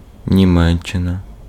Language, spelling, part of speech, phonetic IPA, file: Ukrainian, Німеччина, proper noun, [nʲiˈmɛt͡ʃːenɐ], Uk-Німеччина.ogg
- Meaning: Germany (a country in Central Europe)